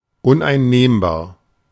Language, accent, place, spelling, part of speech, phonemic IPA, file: German, Germany, Berlin, uneinnehmbar, adjective, /ʊnʔaɪ̯nˈneːmbaːɐ̯/, De-uneinnehmbar.ogg
- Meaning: impregnable, unassailable